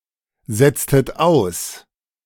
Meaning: inflection of aussetzen: 1. second-person plural preterite 2. second-person plural subjunctive II
- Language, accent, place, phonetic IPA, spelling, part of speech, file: German, Germany, Berlin, [ˌzɛt͡stət ˈaʊ̯s], setztet aus, verb, De-setztet aus.ogg